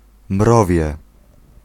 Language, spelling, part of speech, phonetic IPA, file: Polish, mrowie, noun, [ˈmrɔvʲjɛ], Pl-mrowie.ogg